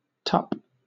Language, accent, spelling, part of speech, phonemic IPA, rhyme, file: English, Southern England, tup, noun / verb, /tʌp/, -ʌp, LL-Q1860 (eng)-tup.wav
- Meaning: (noun) 1. A male sheep, a ram 2. The head of a hammer, and particularly of a steam-driven hammer; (verb) 1. To mate; used of a ram mating with a ewe 2. To have sex with, to bonk, etc 3. To butt